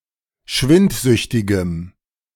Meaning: strong dative masculine/neuter singular of schwindsüchtig
- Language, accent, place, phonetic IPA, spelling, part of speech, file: German, Germany, Berlin, [ˈʃvɪntˌzʏçtɪɡəm], schwindsüchtigem, adjective, De-schwindsüchtigem.ogg